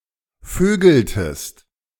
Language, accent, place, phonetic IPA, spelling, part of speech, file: German, Germany, Berlin, [ˈføːɡl̩təst], vögeltest, verb, De-vögeltest.ogg
- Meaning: inflection of vögeln: 1. second-person singular preterite 2. second-person singular subjunctive II